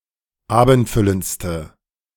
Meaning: inflection of abendfüllend: 1. strong/mixed nominative/accusative feminine singular superlative degree 2. strong nominative/accusative plural superlative degree
- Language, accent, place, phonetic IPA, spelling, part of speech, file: German, Germany, Berlin, [ˈaːbn̩tˌfʏlənt͡stə], abendfüllendste, adjective, De-abendfüllendste.ogg